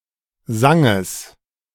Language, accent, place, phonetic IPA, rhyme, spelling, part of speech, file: German, Germany, Berlin, [ˈzɛŋən], -ɛŋən, Sängen, noun, De-Sängen.ogg
- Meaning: dative plural of Sang